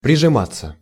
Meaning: 1. to press oneself (to), to nestle up (to), to snuggle up (to), to cuddle up (to) 2. passive of прижима́ть (prižimátʹ)
- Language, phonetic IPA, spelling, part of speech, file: Russian, [prʲɪʐɨˈmat͡sːə], прижиматься, verb, Ru-прижиматься.ogg